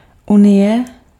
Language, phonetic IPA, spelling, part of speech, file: Czech, [ˈunɪjɛ], unie, noun, Cs-unie.ogg
- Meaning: union